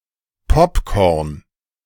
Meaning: popcorn
- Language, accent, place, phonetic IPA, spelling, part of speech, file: German, Germany, Berlin, [ˈpɔpˌkɔʁn], Popcorn, noun, De-Popcorn.ogg